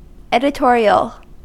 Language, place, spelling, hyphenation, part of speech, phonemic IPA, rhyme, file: English, California, editorial, edi‧to‧ri‧al, adjective / noun, /ˌɛdɪˈtɔɹiəl/, -ɔːɹiəl, En-us-editorial.ogg
- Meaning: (adjective) 1. Of or relating to an editor, editing or an editorial 2. Appropriate for high fashion magazines